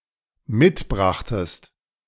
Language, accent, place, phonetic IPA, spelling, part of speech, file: German, Germany, Berlin, [ˈmɪtˌbʁaxtəst], mitbrachtest, verb, De-mitbrachtest.ogg
- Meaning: second-person singular dependent preterite of mitbringen